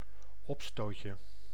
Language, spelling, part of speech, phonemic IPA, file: Dutch, opstootje, noun, /ˈɔpstocə/, Nl-opstootje.ogg
- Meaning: diminutive of opstoot